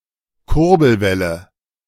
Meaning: crankshaft
- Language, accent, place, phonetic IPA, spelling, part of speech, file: German, Germany, Berlin, [ˈkʊʁbl̩ˌvɛlə], Kurbelwelle, noun, De-Kurbelwelle.ogg